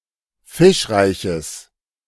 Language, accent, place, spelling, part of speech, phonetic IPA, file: German, Germany, Berlin, fischreiches, adjective, [ˈfɪʃˌʁaɪ̯çəs], De-fischreiches.ogg
- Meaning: strong/mixed nominative/accusative neuter singular of fischreich